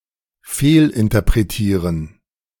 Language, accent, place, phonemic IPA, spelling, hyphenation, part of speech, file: German, Germany, Berlin, /ˈfeːlʔɪntɐpʁeˌtiːʁən/, fehlinterpretieren, fehl‧in‧ter‧pre‧tie‧ren, verb, De-fehlinterpretieren.ogg
- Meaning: to misinterpret